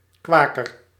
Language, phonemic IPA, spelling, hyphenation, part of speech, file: Dutch, /kʋeː.kə(r)/, quaker, qua‧ker, noun, Nl-quaker.ogg
- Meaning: Quaker (believer of the Quaker faith)